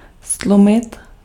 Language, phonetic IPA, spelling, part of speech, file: Czech, [ˈstlumɪt], ztlumit, verb, Cs-ztlumit.ogg
- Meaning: 1. to lower, soften, muffle (sound) 2. to soften, cushion (impact) 3. to dim (light) 4. to soothe, assuage (feeling or pain)